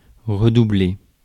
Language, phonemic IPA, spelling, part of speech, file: French, /ʁə.du.ble/, redoubler, verb, Fr-redoubler.ogg
- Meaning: 1. to increase; to augment; to redouble 2. to repeat a year